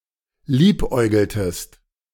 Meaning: inflection of liebäugeln: 1. second-person singular preterite 2. second-person singular subjunctive II
- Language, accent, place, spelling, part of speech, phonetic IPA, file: German, Germany, Berlin, liebäugeltest, verb, [ˈliːpˌʔɔɪ̯ɡl̩təst], De-liebäugeltest.ogg